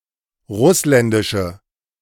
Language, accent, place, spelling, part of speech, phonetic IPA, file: German, Germany, Berlin, russländische, adjective, [ˈʁʊslɛndɪʃə], De-russländische.ogg
- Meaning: inflection of russländisch: 1. strong/mixed nominative/accusative feminine singular 2. strong nominative/accusative plural 3. weak nominative all-gender singular